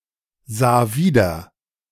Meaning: first/third-person singular preterite of wiedersehen
- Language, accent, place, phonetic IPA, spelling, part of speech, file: German, Germany, Berlin, [ˌzaː ˈviːdɐ], sah wieder, verb, De-sah wieder.ogg